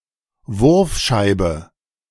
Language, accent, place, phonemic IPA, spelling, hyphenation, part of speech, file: German, Germany, Berlin, /ˈvʊʁfˌʃaɪ̯bə/, Wurfscheibe, Wurf‧schei‧be, noun, De-Wurfscheibe.ogg
- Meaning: throwing disk (e.g. a frisbee or a clay pigeon)